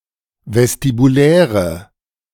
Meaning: inflection of vestibulär: 1. strong/mixed nominative/accusative feminine singular 2. strong nominative/accusative plural 3. weak nominative all-gender singular
- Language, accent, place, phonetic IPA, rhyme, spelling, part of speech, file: German, Germany, Berlin, [vɛstibuˈlɛːʁə], -ɛːʁə, vestibuläre, adjective, De-vestibuläre.ogg